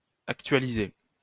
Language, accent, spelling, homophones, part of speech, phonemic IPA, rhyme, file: French, France, actualiser, actualisai / actualisé / actualisée / actualisées / actualisés / actualisez, verb, /ak.tɥa.li.ze/, -e, LL-Q150 (fra)-actualiser.wav
- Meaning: 1. to update (to make something up to date); to refresh 2. to actualize